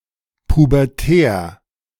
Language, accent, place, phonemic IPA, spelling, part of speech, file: German, Germany, Berlin, /pubɛʁˈtɛːɐ̯/, pubertär, adjective, De-pubertär.ogg
- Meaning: pubescent, pubertal